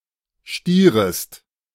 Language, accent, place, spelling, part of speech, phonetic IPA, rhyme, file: German, Germany, Berlin, stierest, verb, [ˈʃtiːʁəst], -iːʁəst, De-stierest.ogg
- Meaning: second-person singular subjunctive I of stieren